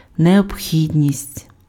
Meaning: necessity
- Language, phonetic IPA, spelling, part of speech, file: Ukrainian, [neobˈxʲidʲnʲisʲtʲ], необхідність, noun, Uk-необхідність.ogg